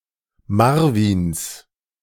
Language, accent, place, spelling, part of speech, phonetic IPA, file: German, Germany, Berlin, Marvins, noun, [ˈmaʁvɪns], De-Marvins.ogg
- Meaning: 1. genitive singular of Marvin 2. plural of Marvin